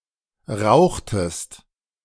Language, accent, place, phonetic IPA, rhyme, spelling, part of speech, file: German, Germany, Berlin, [ˈʁaʊ̯xtəst], -aʊ̯xtəst, rauchtest, verb, De-rauchtest.ogg
- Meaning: inflection of rauchen: 1. second-person singular preterite 2. second-person singular subjunctive II